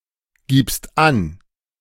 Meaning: second-person singular present of angeben
- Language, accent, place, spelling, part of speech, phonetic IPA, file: German, Germany, Berlin, gibst an, verb, [ˌɡiːpst ˈan], De-gibst an.ogg